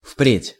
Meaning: henceforth, henceforward, from now on, in future, for the future
- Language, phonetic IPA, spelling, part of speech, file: Russian, [fprʲetʲ], впредь, adverb, Ru-впредь.ogg